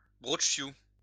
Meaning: brocciu (Corsican cheese)
- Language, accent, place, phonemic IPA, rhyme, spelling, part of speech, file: French, France, Lyon, /bʁɔt.ʃju/, -u, brocciu, noun, LL-Q150 (fra)-brocciu.wav